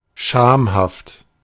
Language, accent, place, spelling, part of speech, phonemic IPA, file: German, Germany, Berlin, schamhaft, adjective, /ˈʃaːmhaft/, De-schamhaft.ogg
- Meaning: modest, bashful, coy